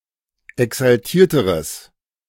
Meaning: strong/mixed nominative/accusative neuter singular comparative degree of exaltiert
- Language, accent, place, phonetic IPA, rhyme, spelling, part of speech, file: German, Germany, Berlin, [ɛksalˈtiːɐ̯təʁəs], -iːɐ̯təʁəs, exaltierteres, adjective, De-exaltierteres.ogg